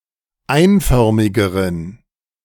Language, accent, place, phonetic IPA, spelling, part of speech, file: German, Germany, Berlin, [ˈaɪ̯nˌfœʁmɪɡəʁən], einförmigeren, adjective, De-einförmigeren.ogg
- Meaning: inflection of einförmig: 1. strong genitive masculine/neuter singular comparative degree 2. weak/mixed genitive/dative all-gender singular comparative degree